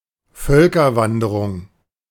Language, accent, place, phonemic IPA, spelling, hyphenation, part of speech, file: German, Germany, Berlin, /ˈfœlkɐˌvandəʁʊŋ/, Völkerwanderung, Völ‧ker‧wan‧de‧rung, noun, De-Völkerwanderung.ogg
- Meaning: 1. Migration Period 2. any movement of people